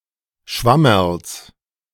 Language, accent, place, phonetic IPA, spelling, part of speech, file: German, Germany, Berlin, [ˈʃvɑmɐls], Schwammerls, noun, De-Schwammerls.ogg
- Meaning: genitive singular of Schwammerl